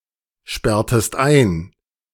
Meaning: inflection of einsperren: 1. second-person singular preterite 2. second-person singular subjunctive II
- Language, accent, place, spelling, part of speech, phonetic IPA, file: German, Germany, Berlin, sperrtest ein, verb, [ˌʃpɛʁtəst ˈaɪ̯n], De-sperrtest ein.ogg